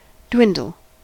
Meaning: 1. To decrease, shrink, diminish, reduce in size or intensity 2. To fall away in quality; degenerate, sink 3. To lessen; to bring low 4. To break up or disperse
- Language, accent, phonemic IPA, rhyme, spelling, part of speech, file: English, US, /ˈdwɪn.dəl/, -ɪndəl, dwindle, verb, En-us-dwindle.ogg